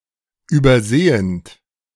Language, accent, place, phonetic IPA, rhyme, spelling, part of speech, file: German, Germany, Berlin, [yːbɐˈzeːənt], -eːənt, übersehend, verb, De-übersehend.ogg
- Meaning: present participle of übersehen